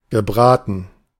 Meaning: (verb) past participle of braten; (adjective) roast, fried
- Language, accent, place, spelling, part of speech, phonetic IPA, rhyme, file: German, Germany, Berlin, gebraten, adjective / verb, [ɡəˈbʁaːtn̩], -aːtn̩, De-gebraten.ogg